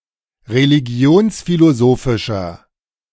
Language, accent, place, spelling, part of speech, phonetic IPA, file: German, Germany, Berlin, religionsphilosophischer, adjective, [ʁeliˈɡi̯oːnsfiloˌzoːfɪʃɐ], De-religionsphilosophischer.ogg
- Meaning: inflection of religionsphilosophisch: 1. strong/mixed nominative masculine singular 2. strong genitive/dative feminine singular 3. strong genitive plural